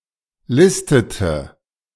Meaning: inflection of listen: 1. first/third-person singular preterite 2. first/third-person singular subjunctive II
- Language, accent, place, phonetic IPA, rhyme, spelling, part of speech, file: German, Germany, Berlin, [ˈlɪstətə], -ɪstətə, listete, verb, De-listete.ogg